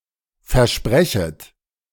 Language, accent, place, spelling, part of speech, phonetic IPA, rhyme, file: German, Germany, Berlin, versprechet, verb, [fɛɐ̯ˈʃpʁɛçət], -ɛçət, De-versprechet.ogg
- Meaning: second-person plural subjunctive I of versprechen